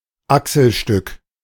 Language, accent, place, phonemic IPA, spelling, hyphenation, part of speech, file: German, Germany, Berlin, /ˈaksəlˌʃtʏk/, Achselstück, Ach‧sel‧stück, noun, De-Achselstück.ogg
- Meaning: epaulet, epaulette